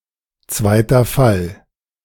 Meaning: genitive case
- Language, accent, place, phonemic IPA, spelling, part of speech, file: German, Germany, Berlin, /ˌtsvaɪ̯tɐ ˈfal/, zweiter Fall, noun, De-zweiter Fall.ogg